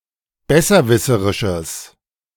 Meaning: strong/mixed nominative/accusative neuter singular of besserwisserisch
- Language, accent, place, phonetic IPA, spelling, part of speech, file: German, Germany, Berlin, [ˈbɛsɐˌvɪsəʁɪʃəs], besserwisserisches, adjective, De-besserwisserisches.ogg